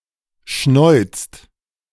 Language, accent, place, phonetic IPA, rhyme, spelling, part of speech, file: German, Germany, Berlin, [ʃnɔɪ̯t͡st], -ɔɪ̯t͡st, schnäuzt, verb, De-schnäuzt.ogg
- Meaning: inflection of schnäuzen: 1. second/third-person singular present 2. second-person plural present 3. plural imperative